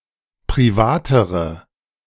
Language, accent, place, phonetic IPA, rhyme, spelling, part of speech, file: German, Germany, Berlin, [pʁiˈvaːtəʁə], -aːtəʁə, privatere, adjective, De-privatere.ogg
- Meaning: inflection of privat: 1. strong/mixed nominative/accusative feminine singular comparative degree 2. strong nominative/accusative plural comparative degree